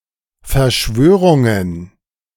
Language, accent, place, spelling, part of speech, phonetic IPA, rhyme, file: German, Germany, Berlin, Verschwörungen, noun, [fɛɐ̯ˈʃvøːʁʊŋən], -øːʁʊŋən, De-Verschwörungen.ogg
- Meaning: plural of Verschwörung